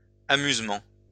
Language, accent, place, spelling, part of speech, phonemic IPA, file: French, France, Lyon, amusements, noun, /a.myz.mɑ̃/, LL-Q150 (fra)-amusements.wav
- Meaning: plural of amusement